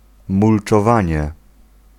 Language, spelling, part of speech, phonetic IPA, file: Polish, mulczowanie, noun, [ˌmult͡ʃɔˈvãɲɛ], Pl-mulczowanie.ogg